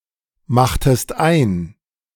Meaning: inflection of einmachen: 1. second-person singular preterite 2. second-person singular subjunctive II
- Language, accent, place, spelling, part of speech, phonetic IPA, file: German, Germany, Berlin, machtest ein, verb, [ˌmaxtəst ˈaɪ̯n], De-machtest ein.ogg